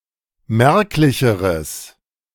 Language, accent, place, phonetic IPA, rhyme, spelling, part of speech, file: German, Germany, Berlin, [ˈmɛʁklɪçəʁəs], -ɛʁklɪçəʁəs, merklicheres, adjective, De-merklicheres.ogg
- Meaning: strong/mixed nominative/accusative neuter singular comparative degree of merklich